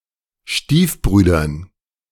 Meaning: dative plural of Stiefbruder
- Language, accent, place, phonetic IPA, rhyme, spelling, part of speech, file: German, Germany, Berlin, [ˈʃtiːfˌbʁyːdɐn], -iːfbʁyːdɐn, Stiefbrüdern, noun, De-Stiefbrüdern.ogg